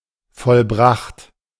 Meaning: past participle of vollbringen
- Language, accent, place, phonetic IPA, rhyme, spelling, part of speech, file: German, Germany, Berlin, [fɔlˈbʁaxt], -axt, vollbracht, verb, De-vollbracht.ogg